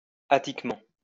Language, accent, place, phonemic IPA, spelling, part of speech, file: French, France, Lyon, /a.tik.mɑ̃/, attiquement, adverb, LL-Q150 (fra)-attiquement.wav
- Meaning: 1. delicately 2. elegantly